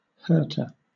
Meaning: 1. One who hurts or does harm 2. A beam on a gun-platform that prevents damage from the wheels of a gun-carriage
- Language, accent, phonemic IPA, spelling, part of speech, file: English, Southern England, /ˈhɜː(ɹ)tə(ɹ)/, hurter, noun, LL-Q1860 (eng)-hurter.wav